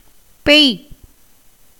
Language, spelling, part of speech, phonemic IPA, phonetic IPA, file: Tamil, பெய், verb, /pɛj/, [pe̞j], Ta-பெய்.ogg
- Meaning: 1. to fall (as rain, snow, hail etc.) 2. to shed tears (for tear-water to fall out.) 3. to urinate (to discharge or pour out urine.) 4. to serve food (to distribute food)